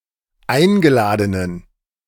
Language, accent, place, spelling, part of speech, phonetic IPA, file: German, Germany, Berlin, eingeladenen, adjective, [ˈaɪ̯nɡəˌlaːdənən], De-eingeladenen.ogg
- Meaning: inflection of eingeladen: 1. strong genitive masculine/neuter singular 2. weak/mixed genitive/dative all-gender singular 3. strong/weak/mixed accusative masculine singular 4. strong dative plural